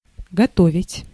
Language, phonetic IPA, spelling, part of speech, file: Russian, [ɡɐˈtovʲɪtʲ], готовить, verb, Ru-готовить.ogg
- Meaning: 1. to prepare, to make ready 2. to cook 3. to prepare, to train 4. to store up, to lay in (stock)